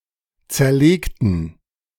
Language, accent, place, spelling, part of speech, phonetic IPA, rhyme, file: German, Germany, Berlin, zerlegten, adjective / verb, [ˌt͡sɛɐ̯ˈleːktn̩], -eːktn̩, De-zerlegten.ogg
- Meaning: inflection of zerlegt: 1. strong genitive masculine/neuter singular 2. weak/mixed genitive/dative all-gender singular 3. strong/weak/mixed accusative masculine singular 4. strong dative plural